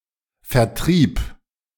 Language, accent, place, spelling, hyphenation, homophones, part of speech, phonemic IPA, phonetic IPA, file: German, Germany, Berlin, Vertrieb, Ver‧trieb, vertrieb, noun, /fɛrˈtriːp/, [fɛɐ̯ˈtʁiːp], De-Vertrieb.ogg
- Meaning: sale, sales distribution, marketing, trafficking